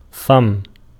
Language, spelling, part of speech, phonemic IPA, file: Arabic, فم, noun, /fam/, Ar-فم.ogg
- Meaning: 1. mouth 2. muzzle 3. orifice, aperture, hole, vent 4. mouth (of a river), rivermouth 5. mouthpiece (of pipe or cigarette), cigarette holder